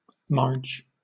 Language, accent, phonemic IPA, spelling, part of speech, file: English, Southern England, /mɑːd͡ʒ/, marge, noun / verb, LL-Q1860 (eng)-marge.wav
- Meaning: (noun) 1. Margin; edge; brink or verge 2. Clipping of margarine; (verb) To add margarine to; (noun) Mother